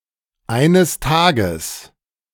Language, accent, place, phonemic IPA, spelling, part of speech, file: German, Germany, Berlin, /ˌaɪ̯nəs ˈtaːɡəs/, eines Tages, adverb, De-eines Tages.ogg
- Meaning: 1. one day, someday (in the future) 2. one day (in the past)